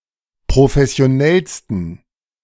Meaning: 1. superlative degree of professionell 2. inflection of professionell: strong genitive masculine/neuter singular superlative degree
- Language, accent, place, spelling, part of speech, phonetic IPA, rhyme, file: German, Germany, Berlin, professionellsten, adjective, [pʁofɛsi̯oˈnɛlstn̩], -ɛlstn̩, De-professionellsten.ogg